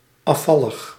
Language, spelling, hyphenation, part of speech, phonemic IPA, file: Dutch, afvallig, af‧val‧lig, adjective, /ˌɑˈfɑ.ləx/, Nl-afvallig.ogg
- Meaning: renegade, apostate, disloyal